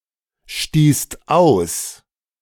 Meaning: second-person singular/plural preterite of ausstoßen
- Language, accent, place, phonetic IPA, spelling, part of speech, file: German, Germany, Berlin, [ˌʃtiːst ˈaʊ̯s], stießt aus, verb, De-stießt aus.ogg